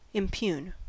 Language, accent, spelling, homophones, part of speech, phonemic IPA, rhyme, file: English, US, impugn, impune, verb, /ɪmˈpjuːn/, -uːn, En-us-impugn.ogg
- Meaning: 1. To assault, attack 2. To verbally assault, especially to argue against an opinion, motive, or action; to question the truth or validity of; cast doubt on